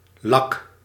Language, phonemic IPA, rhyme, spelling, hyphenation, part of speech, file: Dutch, /lɑk/, -ɑk, lak, lak, noun, Nl-lak.ogg
- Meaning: 1. lacquer 2. foolery, foolishness, nonsense 3. indifference (only in lak hebben aan) 4. defect, deficiency, shortcoming, blame, blemish 5. lake